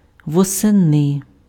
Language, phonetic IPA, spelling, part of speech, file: Ukrainian, [wɔseˈnɪ], восени, adverb, Uk-восени.ogg
- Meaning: in autumn, in the autumn, in the fall